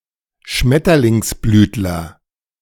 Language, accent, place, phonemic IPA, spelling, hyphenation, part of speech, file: German, Germany, Berlin, /ˈʃmɛtɐlɪŋsˌblyːtlɐ/, Schmetterlingsblütler, Schmet‧ter‧lings‧blüt‧ler, noun, De-Schmetterlingsblütler.ogg
- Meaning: any plant of the Faboideae subfamily